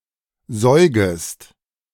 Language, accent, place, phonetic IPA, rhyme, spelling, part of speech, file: German, Germany, Berlin, [ˈzɔɪ̯ɡəst], -ɔɪ̯ɡəst, säugest, verb, De-säugest.ogg
- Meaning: second-person singular subjunctive I of säugen